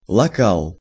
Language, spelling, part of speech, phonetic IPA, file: Russian, лакал, verb, [ɫɐˈkaɫ], Ru-лакал.ogg
- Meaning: masculine singular past indicative imperfective of лака́ть (lakátʹ)